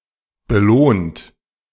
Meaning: 1. past participle of belohnen 2. inflection of belohnen: third-person singular present 3. inflection of belohnen: second-person plural present 4. inflection of belohnen: plural imperative
- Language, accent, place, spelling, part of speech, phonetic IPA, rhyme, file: German, Germany, Berlin, belohnt, verb, [bəˈloːnt], -oːnt, De-belohnt.ogg